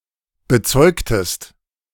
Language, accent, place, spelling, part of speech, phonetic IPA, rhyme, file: German, Germany, Berlin, bezeugtest, verb, [bəˈt͡sɔɪ̯ktəst], -ɔɪ̯ktəst, De-bezeugtest.ogg
- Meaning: inflection of bezeugen: 1. second-person singular preterite 2. second-person singular subjunctive II